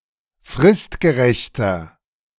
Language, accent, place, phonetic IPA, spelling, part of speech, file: German, Germany, Berlin, [ˈfʁɪstɡəˌʁɛçtɐ], fristgerechter, adjective, De-fristgerechter.ogg
- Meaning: inflection of fristgerecht: 1. strong/mixed nominative masculine singular 2. strong genitive/dative feminine singular 3. strong genitive plural